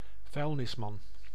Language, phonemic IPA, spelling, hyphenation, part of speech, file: Dutch, /ˈvœy̯l.nɪsˌmɑn/, vuilnisman, vuil‧nis‧man, noun, Nl-vuilnisman.ogg
- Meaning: a dustman, a garbage man, a male garbo